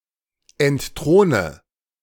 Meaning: inflection of entthronen: 1. first-person singular present 2. first/third-person singular subjunctive I 3. singular imperative
- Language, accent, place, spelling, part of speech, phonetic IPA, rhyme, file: German, Germany, Berlin, entthrone, verb, [ɛntˈtʁoːnə], -oːnə, De-entthrone.ogg